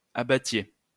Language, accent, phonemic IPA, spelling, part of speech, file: French, France, /a.ba.tje/, abattiez, verb, LL-Q150 (fra)-abattiez.wav
- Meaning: inflection of abattre: 1. second-person plural imperfect indicative 2. second-person plural present subjunctive